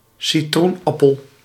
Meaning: lemon (fruit)
- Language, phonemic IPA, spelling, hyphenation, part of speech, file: Dutch, /siˈtrunˌɑ.pəl/, citroenappel, ci‧troen‧ap‧pel, noun, Nl-citroenappel.ogg